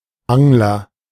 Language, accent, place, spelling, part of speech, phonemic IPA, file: German, Germany, Berlin, Angler, noun, /ˈaŋlɐ/, De-Angler.ogg
- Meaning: 1. agent noun of angeln: angler (person who fishes with a hook and line) (male or of unspecified gender) 2. anglerfish